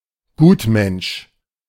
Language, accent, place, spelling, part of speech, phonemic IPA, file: German, Germany, Berlin, Gutmensch, noun, /ˈɡuːtˌmɛnʃ/, De-Gutmensch.ogg
- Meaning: 1. do-gooder; person who has a naive and unreflected conviction of their own moral superiority 2. someone overly concerned with political correctness and related matters; a social justice warrior